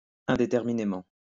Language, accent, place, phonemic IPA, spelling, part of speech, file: French, France, Lyon, /ɛ̃.de.tɛʁ.mi.ne.mɑ̃/, indéterminément, adverb, LL-Q150 (fra)-indéterminément.wav
- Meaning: uncertainly